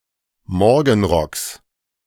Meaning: genitive singular of Morgenrock
- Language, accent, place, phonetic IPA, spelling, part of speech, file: German, Germany, Berlin, [ˈmɔʁɡn̩ˌʁɔks], Morgenrocks, noun, De-Morgenrocks.ogg